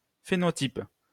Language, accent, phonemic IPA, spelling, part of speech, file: French, France, /fe.nɔ.tip/, phénotype, noun, LL-Q150 (fra)-phénotype.wav
- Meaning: phenotype